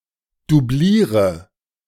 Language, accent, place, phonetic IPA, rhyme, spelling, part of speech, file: German, Germany, Berlin, [duˈbliːʁə], -iːʁə, doubliere, verb, De-doubliere.ogg
- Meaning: inflection of doublieren: 1. first-person singular present 2. first/third-person singular subjunctive I 3. singular imperative